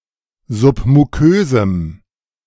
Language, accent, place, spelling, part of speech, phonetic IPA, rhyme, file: German, Germany, Berlin, submukösem, adjective, [ˌzʊpmuˈkøːzm̩], -øːzm̩, De-submukösem.ogg
- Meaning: strong dative masculine/neuter singular of submukös